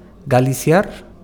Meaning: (adjective) Galician (of Galicia in Iberia); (noun) A Galician person (man or woman)
- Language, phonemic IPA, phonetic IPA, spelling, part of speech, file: Basque, /ɡalis̻iar/, [ɡa.li.s̻i.ar], galiziar, adjective / noun, Eus-galiziar.ogg